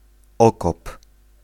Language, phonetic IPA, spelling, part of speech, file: Polish, [ˈɔkɔp], okop, noun / verb, Pl-okop.ogg